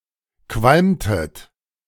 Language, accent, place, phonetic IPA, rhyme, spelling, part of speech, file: German, Germany, Berlin, [ˈkvalmtət], -almtət, qualmtet, verb, De-qualmtet.ogg
- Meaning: inflection of qualmen: 1. second-person plural preterite 2. second-person plural subjunctive II